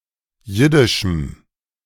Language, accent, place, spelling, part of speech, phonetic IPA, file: German, Germany, Berlin, jiddischem, adjective, [ˈjɪdɪʃm̩], De-jiddischem.ogg
- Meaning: strong dative masculine/neuter singular of jiddisch